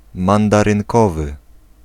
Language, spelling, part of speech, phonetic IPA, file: Polish, mandarynkowy, adjective, [ˌmãndarɨ̃ŋˈkɔvɨ], Pl-mandarynkowy.ogg